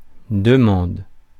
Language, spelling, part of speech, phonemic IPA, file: French, demande, noun / verb, /də.mɑ̃d/, Fr-demande.ogg
- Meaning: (noun) 1. request (act of requesting) 2. demand 3. small fine (paid after breaking a rule); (verb) inflection of demander: first/third-person singular present indicative/subjunctive